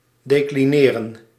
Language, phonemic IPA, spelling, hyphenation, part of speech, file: Dutch, /deːkliˈneːrə(n)/, declineren, de‧cli‧ne‧ren, verb, Nl-declineren.ogg
- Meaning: 1. to decline, to refuse 2. to decline